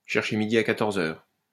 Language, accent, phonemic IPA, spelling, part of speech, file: French, France, /ʃɛʁ.ʃe mi.di a ka.tɔʁ.z‿œʁ/, chercher midi à quatorze heures, verb, LL-Q150 (fra)-chercher midi à quatorze heures.wav
- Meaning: to complicate things needlessly; to seek a knot in a bulrush